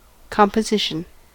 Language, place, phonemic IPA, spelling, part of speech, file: English, California, /ˌkɑm.pəˈzɪʃ.ən/, composition, noun, En-us-composition.ogg
- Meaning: 1. The act of putting together; assembly 2. A mixture or compound; the result of composing 3. The proportion of different parts to make a whole 4. The general makeup of a thing or person